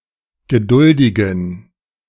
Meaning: inflection of geduldig: 1. strong genitive masculine/neuter singular 2. weak/mixed genitive/dative all-gender singular 3. strong/weak/mixed accusative masculine singular 4. strong dative plural
- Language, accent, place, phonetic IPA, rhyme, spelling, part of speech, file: German, Germany, Berlin, [ɡəˈdʊldɪɡn̩], -ʊldɪɡn̩, geduldigen, adjective, De-geduldigen.ogg